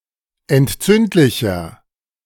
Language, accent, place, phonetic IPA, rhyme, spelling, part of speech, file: German, Germany, Berlin, [ɛntˈt͡sʏntlɪçɐ], -ʏntlɪçɐ, entzündlicher, adjective, De-entzündlicher.ogg
- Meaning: inflection of entzündlich: 1. strong/mixed nominative masculine singular 2. strong genitive/dative feminine singular 3. strong genitive plural